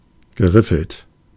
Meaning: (verb) past participle of riffeln; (adjective) fluted
- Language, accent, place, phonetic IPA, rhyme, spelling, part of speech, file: German, Germany, Berlin, [ɡəˈʁɪfl̩t], -ɪfl̩t, geriffelt, adjective, De-geriffelt.ogg